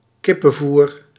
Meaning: chicken feed (food for chickens and similar poultry)
- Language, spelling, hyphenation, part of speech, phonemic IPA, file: Dutch, kippenvoer, kip‧pen‧voer, noun, /ˈkɪ.pə(n)ˌvur/, Nl-kippenvoer.ogg